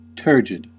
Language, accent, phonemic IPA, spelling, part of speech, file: English, US, /ˈtɚ.d͡ʒɪd/, turgid, adjective, En-us-turgid.ogg
- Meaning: 1. Distended beyond the natural state by some internal agent, especially fluid, or expansive force 2. Of a river, inundated with excess water as from a flood; swollen